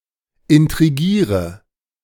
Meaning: inflection of intrigieren: 1. first-person singular present 2. singular imperative 3. first/third-person singular subjunctive I
- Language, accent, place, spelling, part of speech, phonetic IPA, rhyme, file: German, Germany, Berlin, intrigiere, verb, [ɪntʁiˈɡiːʁə], -iːʁə, De-intrigiere.ogg